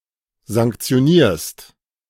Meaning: second-person singular present of sanktionieren
- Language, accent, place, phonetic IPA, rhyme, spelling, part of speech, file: German, Germany, Berlin, [zaŋkt͡si̯oˈniːɐ̯st], -iːɐ̯st, sanktionierst, verb, De-sanktionierst.ogg